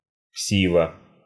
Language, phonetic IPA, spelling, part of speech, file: Russian, [ˈksʲivə], ксива, noun, Ru-ксива.ogg
- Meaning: 1. identity card, ID 2. any document 3. false document 4. a slip or letter passed secretly from cell to cell, from prison to prison or to the outside world